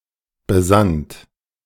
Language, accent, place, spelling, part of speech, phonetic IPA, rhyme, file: German, Germany, Berlin, besannt, verb, [bəˈzant], -ant, De-besannt.ogg
- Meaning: second-person plural preterite of besinnen